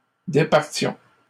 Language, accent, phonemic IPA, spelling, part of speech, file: French, Canada, /de.paʁ.tjɔ̃/, départions, verb, LL-Q150 (fra)-départions.wav
- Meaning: inflection of départir: 1. first-person plural imperfect indicative 2. first-person plural present subjunctive